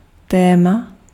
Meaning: topic, theme
- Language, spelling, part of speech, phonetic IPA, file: Czech, téma, noun, [ˈtɛːma], Cs-téma.ogg